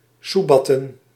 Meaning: 1. to beg persistently 2. to grovel, to beg sycophantically
- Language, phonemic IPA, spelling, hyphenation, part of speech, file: Dutch, /ˈsuˌbɑ.tə(n)/, soebatten, soe‧bat‧ten, verb, Nl-soebatten.ogg